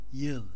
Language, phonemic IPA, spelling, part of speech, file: Turkish, /ˈjɯɫ/, yıl, noun / verb, Yıl.ogg
- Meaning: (noun) 1. year 2. time unit equal to twelve months; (verb) second-person singular imperative of yılmak